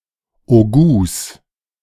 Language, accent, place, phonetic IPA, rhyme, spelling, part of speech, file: German, Germany, Berlin, [oˈɡuːs], -uːs, Hautgouts, noun, De-Hautgouts.ogg
- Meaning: genitive of Hautgout